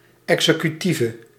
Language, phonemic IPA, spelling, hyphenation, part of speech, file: Dutch, /ˌɛk.sə.kyˈti.və/, executieve, exe‧cu‧tie‧ve, adjective / noun, Nl-executieve.ogg
- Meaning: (adjective) inflection of executief: 1. masculine/feminine singular attributive 2. definite neuter singular attributive 3. plural attributive; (noun) An executive organ